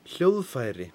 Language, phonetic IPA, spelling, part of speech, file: Icelandic, [ˈl̥jouð.faiːrɪ], hljóðfæri, noun, Is-hljóðfæri.ogg
- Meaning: musical instrument, an instrument